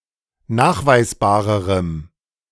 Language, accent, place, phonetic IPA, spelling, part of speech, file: German, Germany, Berlin, [ˈnaːxvaɪ̯sˌbaːʁəʁəm], nachweisbarerem, adjective, De-nachweisbarerem.ogg
- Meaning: strong dative masculine/neuter singular comparative degree of nachweisbar